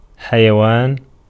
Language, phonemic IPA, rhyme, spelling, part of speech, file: Arabic, /ħa.ja.waːn/, -aːn, حيوان, noun, Ar-حيوان.ogg
- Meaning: 1. animal, beast 2. animals, living creatures 3. verbal noun of حَيَّ (ḥayya): life; (especially) long, eternal life